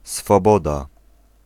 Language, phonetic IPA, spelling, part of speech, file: Polish, [sfɔˈbɔda], swoboda, noun, Pl-swoboda.ogg